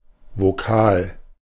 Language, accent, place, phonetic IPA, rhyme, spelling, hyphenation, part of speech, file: German, Germany, Berlin, [voˈkaːl], -aːl, Vokal, Vo‧kal, noun, De-Vokal.ogg
- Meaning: vowel: 1. vowel sound 2. vowel letter (letter representing such a sound)